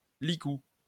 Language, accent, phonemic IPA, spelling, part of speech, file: French, France, /li.ku/, licou, noun, LL-Q150 (fra)-licou.wav
- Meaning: halter